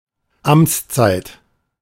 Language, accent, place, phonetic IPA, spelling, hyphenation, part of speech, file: German, Germany, Berlin, [ˈamt͡sˌt͡saɪ̯t], Amtszeit, Amts‧zeit, noun, De-Amtszeit.ogg
- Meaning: term, office term